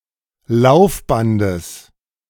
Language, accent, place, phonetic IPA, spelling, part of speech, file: German, Germany, Berlin, [ˈlaʊ̯fˌbandəs], Laufbandes, noun, De-Laufbandes.ogg
- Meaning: genitive singular of Laufband